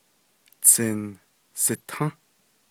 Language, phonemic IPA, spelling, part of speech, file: Navajo, /t͡sʰɪ̀nsɪ̀tʰɑ̃́/, tsinsitą́, noun, Nv-tsinsitą́.ogg
- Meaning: mile